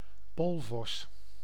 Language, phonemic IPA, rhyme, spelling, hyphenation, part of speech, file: Dutch, /ˈpoːl.vɔs/, -oːlvɔs, poolvos, pool‧vos, noun, Nl-poolvos.ogg
- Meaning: arctic fox (Vulpes lagopus)